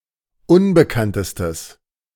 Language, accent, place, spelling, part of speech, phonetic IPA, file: German, Germany, Berlin, unbekanntestes, adjective, [ˈʊnbəkantəstəs], De-unbekanntestes.ogg
- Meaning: strong/mixed nominative/accusative neuter singular superlative degree of unbekannt